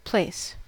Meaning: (noun) An area; somewhere within an area.: An open space, particularly a city square, market square, or courtyard
- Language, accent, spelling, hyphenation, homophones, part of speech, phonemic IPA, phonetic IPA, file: English, General American, place, place, plaice, noun / verb, /ˈpleɪ̯s/, [ˈpʰl̥eɪ̯s], En-us-place.ogg